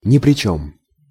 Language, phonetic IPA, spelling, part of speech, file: Russian, [nʲɪ‿prʲɪ‿ˈt͡ɕɵm], ни при чём, adjective, Ru-ни при чём.ogg
- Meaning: have nothing to do with